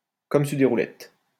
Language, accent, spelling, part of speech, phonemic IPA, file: French, France, comme sur des roulettes, adverb, /kɔm syʁ de ʁu.lɛt/, LL-Q150 (fra)-comme sur des roulettes.wav
- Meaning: like a charm, smoothly, swimmingly, without a hitch